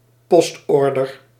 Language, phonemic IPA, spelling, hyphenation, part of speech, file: Dutch, /ˈpɔstˌɔr.dər/, postorder, post‧or‧der, noun, Nl-postorder.ogg
- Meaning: mail order